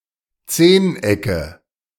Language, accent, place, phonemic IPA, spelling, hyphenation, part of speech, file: German, Germany, Berlin, /ˈt͡seːnˌ.ɛkə/, Zehnecke, Zehn‧ecke, noun, De-Zehnecke.ogg
- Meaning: nominative/accusative/genitive plural of Zehneck